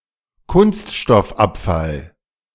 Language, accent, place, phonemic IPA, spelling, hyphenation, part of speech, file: German, Germany, Berlin, /ˈkʊnstʃtɔfˌapfal/, Kunststoffabfall, Kunst‧stoff‧ab‧fall, noun, De-Kunststoffabfall.ogg
- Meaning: plastic waste